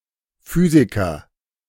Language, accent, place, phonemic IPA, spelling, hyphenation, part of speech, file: German, Germany, Berlin, /ˈfyːzikɐ/, Physiker, Phy‧si‧ker, noun, De-Physiker.ogg
- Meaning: 1. physicist 2. physician